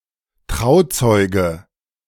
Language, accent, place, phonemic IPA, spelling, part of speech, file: German, Germany, Berlin, /ˈtʁaʊ̯ˌt͡sɔɪ̯ɡə/, Trauzeuge, noun, De-Trauzeuge.ogg
- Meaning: 1. best man 2. witness to a marriage